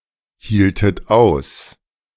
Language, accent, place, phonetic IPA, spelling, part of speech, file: German, Germany, Berlin, [ˌhiːltət ˈaʊ̯s], hieltet aus, verb, De-hieltet aus.ogg
- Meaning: inflection of aushalten: 1. second-person plural preterite 2. second-person plural subjunctive II